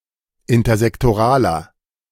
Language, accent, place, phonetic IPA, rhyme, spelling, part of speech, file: German, Germany, Berlin, [ɪntɐzɛktoˈʁaːlɐ], -aːlɐ, intersektoraler, adjective, De-intersektoraler.ogg
- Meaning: inflection of intersektoral: 1. strong/mixed nominative masculine singular 2. strong genitive/dative feminine singular 3. strong genitive plural